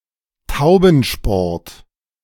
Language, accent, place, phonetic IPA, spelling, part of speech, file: German, Germany, Berlin, [ˈtaʊ̯bn̩ˌʃpɔʁt], Taubensport, noun, De-Taubensport.ogg
- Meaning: The sport of pigeon racing (using specially trained homing pigeons)